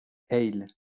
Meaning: ale
- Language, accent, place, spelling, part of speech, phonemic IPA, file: French, France, Lyon, ale, noun, /ɛl/, LL-Q150 (fra)-ale.wav